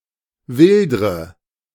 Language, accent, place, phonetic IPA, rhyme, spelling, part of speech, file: German, Germany, Berlin, [ˈvɪldʁə], -ɪldʁə, wildre, verb, De-wildre.ogg
- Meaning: inflection of wildern: 1. first-person singular present 2. first/third-person singular subjunctive I 3. singular imperative